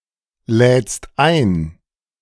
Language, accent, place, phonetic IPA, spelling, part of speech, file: German, Germany, Berlin, [ˌlɛːt͡st ˈaɪ̯n], lädst ein, verb, De-lädst ein.ogg
- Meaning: second-person singular present of einladen